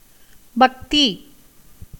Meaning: 1. devotion 2. duty, service, worship
- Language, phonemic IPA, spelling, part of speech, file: Tamil, /bɐkt̪iː/, பக்தி, noun, Ta-பக்தி.ogg